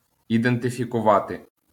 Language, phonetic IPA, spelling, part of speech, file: Ukrainian, [identefʲikʊˈʋate], ідентифікувати, verb, LL-Q8798 (ukr)-ідентифікувати.wav
- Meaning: to identify